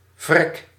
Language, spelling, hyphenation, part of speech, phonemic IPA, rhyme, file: Dutch, vrek, vrek, noun / adjective, /vrɛk/, -ɛk, Nl-vrek.ogg
- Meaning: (noun) scrooge, miser; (adjective) miserly, avaricious